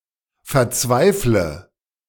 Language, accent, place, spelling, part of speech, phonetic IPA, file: German, Germany, Berlin, verzweifle, verb, [fɛɐ̯ˈt͡svaɪ̯flə], De-verzweifle.ogg
- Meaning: inflection of verzweifeln: 1. first-person singular present 2. first/third-person singular subjunctive I 3. singular imperative